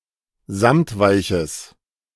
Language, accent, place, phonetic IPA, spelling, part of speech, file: German, Germany, Berlin, [ˈzamtˌvaɪ̯çəs], samtweiches, adjective, De-samtweiches.ogg
- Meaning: strong/mixed nominative/accusative neuter singular of samtweich